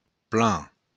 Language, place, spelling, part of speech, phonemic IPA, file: Occitan, Béarn, plan, noun / adjective / adverb, /pla/, LL-Q14185 (oci)-plan.wav
- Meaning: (noun) 1. plan (a drawing showing technical details of a building) 2. plan (a set of intended actions); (adjective) flat; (adverb) 1. well 2. very, quite